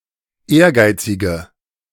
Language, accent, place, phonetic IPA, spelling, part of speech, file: German, Germany, Berlin, [ˈeːɐ̯ˌɡaɪ̯t͡sɪɡə], ehrgeizige, adjective, De-ehrgeizige.ogg
- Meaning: inflection of ehrgeizig: 1. strong/mixed nominative/accusative feminine singular 2. strong nominative/accusative plural 3. weak nominative all-gender singular